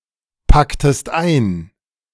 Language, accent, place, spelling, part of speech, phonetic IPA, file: German, Germany, Berlin, packtest ein, verb, [ˌpaktəst ˈaɪ̯n], De-packtest ein.ogg
- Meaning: inflection of einpacken: 1. second-person singular preterite 2. second-person singular subjunctive II